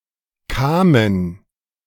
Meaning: a municipality of North Rhine-Westphalia, Germany
- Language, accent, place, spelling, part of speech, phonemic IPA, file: German, Germany, Berlin, Kamen, proper noun, /ˈkaːmən/, De-Kamen.ogg